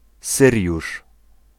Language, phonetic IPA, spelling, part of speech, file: Polish, [ˈsɨrʲjuʃ], Syriusz, proper noun, Pl-Syriusz.ogg